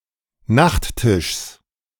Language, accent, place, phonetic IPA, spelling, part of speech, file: German, Germany, Berlin, [ˈnaxtˌtɪʃs], Nachttischs, noun, De-Nachttischs.ogg
- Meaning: genitive of Nachttisch